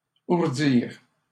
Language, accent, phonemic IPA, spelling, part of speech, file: French, Canada, /uʁ.diʁ/, ourdir, verb, LL-Q150 (fra)-ourdir.wav
- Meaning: 1. to warp (set up a weaving frame) 2. to plot (set up a plan)